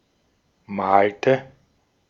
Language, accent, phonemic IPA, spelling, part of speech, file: German, Austria, /ˈmaːltə/, malte, verb, De-at-malte.ogg
- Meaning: inflection of malen: 1. first/third-person singular preterite 2. first/third-person singular subjunctive II